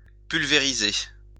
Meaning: 1. to pulverise (to grind into powder) 2. to pulverise (defeat thoroughly) 3. to spray (to project as liquid droplets)
- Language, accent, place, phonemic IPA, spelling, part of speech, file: French, France, Lyon, /pyl.ve.ʁi.ze/, pulvériser, verb, LL-Q150 (fra)-pulvériser.wav